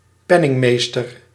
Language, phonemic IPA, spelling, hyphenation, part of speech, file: Dutch, /ˈpɛ.nɪŋˌmeːs.tər/, penningmeester, pen‧ning‧mees‧ter, noun, Nl-penningmeester.ogg
- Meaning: treasurer